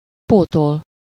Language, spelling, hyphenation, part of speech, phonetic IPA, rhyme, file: Hungarian, pótol, pó‧tol, verb, [ˈpoːtol], -ol, Hu-pótol.ogg
- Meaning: to substitute, to replace (something that cannot be used for some reason)